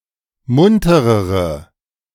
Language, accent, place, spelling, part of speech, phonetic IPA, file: German, Germany, Berlin, munterere, adjective, [ˈmʊntəʁəʁə], De-munterere.ogg
- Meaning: inflection of munter: 1. strong/mixed nominative/accusative feminine singular comparative degree 2. strong nominative/accusative plural comparative degree